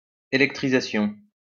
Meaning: electrification
- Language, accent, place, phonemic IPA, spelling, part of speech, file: French, France, Lyon, /e.lɛk.tʁi.za.sjɔ̃/, électrisation, noun, LL-Q150 (fra)-électrisation.wav